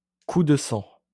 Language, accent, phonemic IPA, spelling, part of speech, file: French, France, /ku d(ə) sɑ̃/, coup de sang, noun, LL-Q150 (fra)-coup de sang.wav
- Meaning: fit of anger, apoplexy